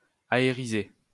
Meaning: synonym of aérifier
- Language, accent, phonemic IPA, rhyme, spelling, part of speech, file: French, France, /a.e.ʁi.ze/, -e, aériser, verb, LL-Q150 (fra)-aériser.wav